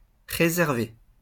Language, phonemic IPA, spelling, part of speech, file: French, /ʁe.zɛʁ.ve/, réservé, verb / adjective, LL-Q150 (fra)-réservé.wav
- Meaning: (verb) past participle of réserver; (adjective) 1. reserved, booked 2. discreet, reserved 3. guarded, cautious